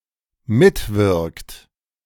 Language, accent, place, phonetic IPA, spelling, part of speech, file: German, Germany, Berlin, [ˈmɪtˌvɪʁkt], mitwirkt, verb, De-mitwirkt.ogg
- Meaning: inflection of mitwirken: 1. third-person singular dependent present 2. second-person plural dependent present